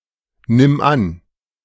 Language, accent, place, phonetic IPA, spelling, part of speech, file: German, Germany, Berlin, [ˌnɪm ˈan], nimm an, verb, De-nimm an.ogg
- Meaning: singular imperative of annehmen